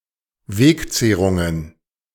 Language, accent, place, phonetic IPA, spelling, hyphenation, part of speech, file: German, Germany, Berlin, [ˈveːkˌt͡seːʁuŋən], Wegzehrungen, Weg‧zeh‧run‧gen, noun, De-Wegzehrungen.ogg
- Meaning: plural of Wegzehrung